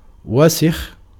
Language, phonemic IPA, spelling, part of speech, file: Arabic, /wa.six/, وسخ, adjective, Ar-وسخ.ogg
- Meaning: dirty